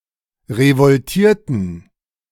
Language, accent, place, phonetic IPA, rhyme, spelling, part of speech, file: German, Germany, Berlin, [ʁəvɔlˈtiːɐ̯tn̩], -iːɐ̯tn̩, revoltierten, verb, De-revoltierten.ogg
- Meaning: inflection of revoltieren: 1. first/third-person plural preterite 2. first/third-person plural subjunctive II